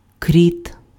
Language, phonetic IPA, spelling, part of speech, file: Ukrainian, [krʲit], кріт, noun, Uk-кріт.ogg
- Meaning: mole (burrowing insectivore)